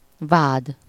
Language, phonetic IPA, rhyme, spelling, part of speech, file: Hungarian, [ˈvaːd], -aːd, vád, noun, Hu-vád.ogg
- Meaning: 1. charge, accusation, allegation 2. prosecution (the prosecuting party)